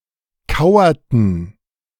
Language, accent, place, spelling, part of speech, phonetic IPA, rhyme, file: German, Germany, Berlin, kauerten, verb, [ˈkaʊ̯ɐtn̩], -aʊ̯ɐtn̩, De-kauerten.ogg
- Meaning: inflection of kauern: 1. first/third-person plural preterite 2. first/third-person plural subjunctive II